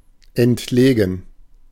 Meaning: out-of-the-way
- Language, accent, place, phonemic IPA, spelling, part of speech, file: German, Germany, Berlin, /ɛntˈleːɡn̩/, entlegen, adjective, De-entlegen.ogg